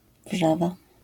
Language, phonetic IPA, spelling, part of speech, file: Polish, [ˈvʒava], wrzawa, noun, LL-Q809 (pol)-wrzawa.wav